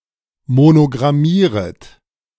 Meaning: second-person plural subjunctive I of monogrammieren
- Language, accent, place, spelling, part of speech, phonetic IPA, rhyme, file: German, Germany, Berlin, monogrammieret, verb, [monoɡʁaˈmiːʁət], -iːʁət, De-monogrammieret.ogg